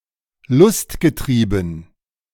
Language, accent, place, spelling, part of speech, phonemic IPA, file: German, Germany, Berlin, lustgetrieben, adjective, /ˈlʊstɡəˌtʁiːbn̩/, De-lustgetrieben.ogg
- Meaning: pleasure-seeking